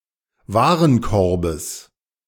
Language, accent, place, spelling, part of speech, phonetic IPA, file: German, Germany, Berlin, Warenkorbes, noun, [ˈvaːʁənˌkɔʁbəs], De-Warenkorbes.ogg
- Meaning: genitive singular of Warenkorb